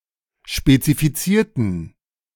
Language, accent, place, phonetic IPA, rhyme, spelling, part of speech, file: German, Germany, Berlin, [ʃpet͡sifiˈt͡siːɐ̯tn̩], -iːɐ̯tn̩, spezifizierten, adjective / verb, De-spezifizierten.ogg
- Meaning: inflection of spezifizieren: 1. first/third-person plural preterite 2. first/third-person plural subjunctive II